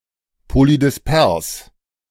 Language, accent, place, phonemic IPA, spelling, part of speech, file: German, Germany, Berlin, /polidɪsˈpɛʁs/, polydispers, adjective, De-polydispers.ogg
- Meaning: polydisperse